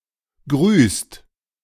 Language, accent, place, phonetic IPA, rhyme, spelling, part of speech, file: German, Germany, Berlin, [ɡʁyːst], -yːst, grüßt, verb, De-grüßt.ogg
- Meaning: inflection of grüßen: 1. second/third-person singular present 2. second-person plural present 3. plural imperative